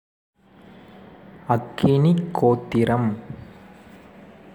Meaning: sacrifice to Agni and certain other deities performed daily, morning and evening
- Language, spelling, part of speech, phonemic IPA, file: Tamil, அக்கினிகோத்திரம், noun, /ɐkːɪnɪɡoːt̪ːɪɾɐm/, Ta-அக்கினிகோத்திரம்.ogg